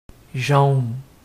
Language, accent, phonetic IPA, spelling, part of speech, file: French, Quebec, [ʒou̯n], jaune, adjective / noun, Fr-Jaune.oga
- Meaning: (adjective) yellow; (noun) 1. yolk (of egg) 2. strikebreaker 3. pastis 4. yellow card